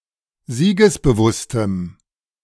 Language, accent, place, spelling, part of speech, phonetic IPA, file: German, Germany, Berlin, siegesbewusstem, adjective, [ˈziːɡəsbəˌvʊstəm], De-siegesbewusstem.ogg
- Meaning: strong dative masculine/neuter singular of siegesbewusst